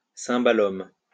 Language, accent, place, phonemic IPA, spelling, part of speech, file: French, France, Lyon, /sɛ̃.ba.lɔm/, czimbalum, noun, LL-Q150 (fra)-czimbalum.wav
- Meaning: cimbalom